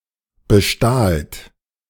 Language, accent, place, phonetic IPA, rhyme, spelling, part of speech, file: German, Germany, Berlin, [bəˈʃtaːlt], -aːlt, bestahlt, verb, De-bestahlt.ogg
- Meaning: second-person plural preterite of bestehlen